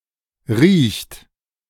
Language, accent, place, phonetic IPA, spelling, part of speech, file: German, Germany, Berlin, [ʁiːçt], riecht, verb, De-riecht.ogg
- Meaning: inflection of riechen: 1. third-person singular present 2. second-person plural present 3. plural imperative